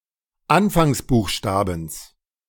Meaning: genitive singular of Anfangsbuchstabe
- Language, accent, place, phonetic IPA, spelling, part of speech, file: German, Germany, Berlin, [ˈanfaŋsˌbuːxʃtaːbn̩s], Anfangsbuchstabens, noun, De-Anfangsbuchstabens.ogg